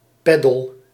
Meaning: beadle
- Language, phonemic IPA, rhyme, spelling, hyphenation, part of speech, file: Dutch, /ˈpɛ.dəl/, -ɛdəl, pedel, pe‧del, noun, Nl-pedel.ogg